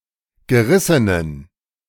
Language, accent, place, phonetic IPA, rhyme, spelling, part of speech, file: German, Germany, Berlin, [ɡəˈʁɪsənən], -ɪsənən, gerissenen, adjective, De-gerissenen.ogg
- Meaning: inflection of gerissen: 1. strong genitive masculine/neuter singular 2. weak/mixed genitive/dative all-gender singular 3. strong/weak/mixed accusative masculine singular 4. strong dative plural